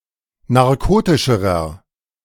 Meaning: inflection of narkotisch: 1. strong/mixed nominative masculine singular comparative degree 2. strong genitive/dative feminine singular comparative degree 3. strong genitive plural comparative degree
- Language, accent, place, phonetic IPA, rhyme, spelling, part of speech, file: German, Germany, Berlin, [naʁˈkoːtɪʃəʁɐ], -oːtɪʃəʁɐ, narkotischerer, adjective, De-narkotischerer.ogg